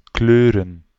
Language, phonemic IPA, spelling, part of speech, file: Dutch, /ˈklørə(n)/, kleuren, verb / noun, Nl-kleuren.ogg
- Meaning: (verb) 1. to color, paint 2. to blush, turn red; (noun) plural of kleur